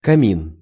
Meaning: hearth, fireplace
- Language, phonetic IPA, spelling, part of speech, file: Russian, [kɐˈmʲin], камин, noun, Ru-камин.ogg